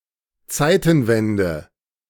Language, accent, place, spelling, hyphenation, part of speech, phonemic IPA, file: German, Germany, Berlin, Zeitenwende, Zei‧ten‧wen‧de, noun, /ˈt͡saɪ̯tənˌvɛndə/, De-Zeitenwende.ogg
- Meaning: 1. the turn from BC to AD, the “year zero” 2. historical turning point, turn of eras